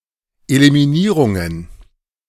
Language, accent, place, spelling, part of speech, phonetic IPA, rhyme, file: German, Germany, Berlin, Eliminierungen, noun, [elimiˈniːʁʊŋən], -iːʁʊŋən, De-Eliminierungen.ogg
- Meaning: plural of Eliminierung